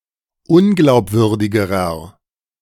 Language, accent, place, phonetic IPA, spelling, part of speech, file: German, Germany, Berlin, [ˈʊnɡlaʊ̯pˌvʏʁdɪɡəʁɐ], unglaubwürdigerer, adjective, De-unglaubwürdigerer.ogg
- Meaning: inflection of unglaubwürdig: 1. strong/mixed nominative masculine singular comparative degree 2. strong genitive/dative feminine singular comparative degree